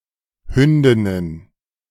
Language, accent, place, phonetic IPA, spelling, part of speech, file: German, Germany, Berlin, [ˈhʏndɪnən], Hündinnen, noun, De-Hündinnen.ogg
- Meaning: plural of Hündin